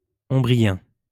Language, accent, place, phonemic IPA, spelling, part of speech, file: French, France, Lyon, /ɔ̃.bʁi.jɛ̃/, ombrien, noun / adjective, LL-Q150 (fra)-ombrien.wav
- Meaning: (noun) Umbrian (language); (adjective) Umbrian (of, from or relating to Umbria, Italy)